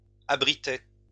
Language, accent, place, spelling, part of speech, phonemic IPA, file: French, France, Lyon, abritai, verb, /a.bʁi.te/, LL-Q150 (fra)-abritai.wav
- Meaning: first-person singular past historic of abriter